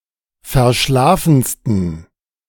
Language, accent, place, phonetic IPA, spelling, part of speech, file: German, Germany, Berlin, [fɛɐ̯ˈʃlaːfn̩stən], verschlafensten, adjective, De-verschlafensten.ogg
- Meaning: 1. superlative degree of verschlafen 2. inflection of verschlafen: strong genitive masculine/neuter singular superlative degree